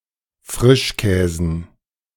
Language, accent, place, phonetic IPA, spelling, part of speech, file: German, Germany, Berlin, [ˈfʁɪʃˌkɛːzn̩], Frischkäsen, noun, De-Frischkäsen.ogg
- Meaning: dative plural of Frischkäse